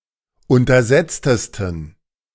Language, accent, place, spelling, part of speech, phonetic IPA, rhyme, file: German, Germany, Berlin, untersetztesten, adjective, [ˌʊntɐˈzɛt͡stəstn̩], -ɛt͡stəstn̩, De-untersetztesten.ogg
- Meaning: 1. superlative degree of untersetzt 2. inflection of untersetzt: strong genitive masculine/neuter singular superlative degree